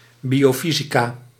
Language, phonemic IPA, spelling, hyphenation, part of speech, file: Dutch, /ˌbi.oːˈfi.zi.kaː/, biofysica, bio‧fy‧si‧ca, noun, Nl-biofysica.ogg
- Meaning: biophysics